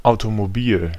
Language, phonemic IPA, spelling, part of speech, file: German, /aʊ̯tomoˈbiːl/, Automobil, noun, De-Automobil.ogg
- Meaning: car (automobile, a vehicle steered by a driver)